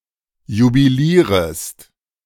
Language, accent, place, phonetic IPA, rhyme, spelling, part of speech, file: German, Germany, Berlin, [jubiˈliːʁəst], -iːʁəst, jubilierest, verb, De-jubilierest.ogg
- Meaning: second-person singular subjunctive I of jubilieren